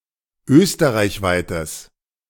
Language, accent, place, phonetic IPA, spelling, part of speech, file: German, Germany, Berlin, [ˈøːstəʁaɪ̯çˌvaɪ̯təs], österreichweites, adjective, De-österreichweites.ogg
- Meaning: strong/mixed nominative/accusative neuter singular of österreichweit